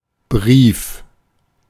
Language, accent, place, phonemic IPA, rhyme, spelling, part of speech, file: German, Germany, Berlin, /ˈbʁiːf/, -iːf, Brief, noun, De-Brief.ogg
- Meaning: letter (written message)